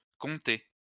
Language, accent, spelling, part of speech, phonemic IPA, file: French, France, comptez, verb, /kɔ̃.te/, LL-Q150 (fra)-comptez.wav
- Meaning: inflection of compter: 1. second-person plural present indicative 2. second-person plural imperative